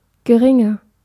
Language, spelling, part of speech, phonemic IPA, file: German, geringer, adjective, /ɡəˈʁɪŋɐ/, De-geringer.ogg
- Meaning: 1. comparative degree of gering 2. inflection of gering: strong/mixed nominative masculine singular 3. inflection of gering: strong genitive/dative feminine singular